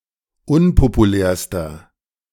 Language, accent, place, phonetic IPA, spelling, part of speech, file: German, Germany, Berlin, [ˈʊnpopuˌlɛːɐ̯stɐ], unpopulärster, adjective, De-unpopulärster.ogg
- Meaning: inflection of unpopulär: 1. strong/mixed nominative masculine singular superlative degree 2. strong genitive/dative feminine singular superlative degree 3. strong genitive plural superlative degree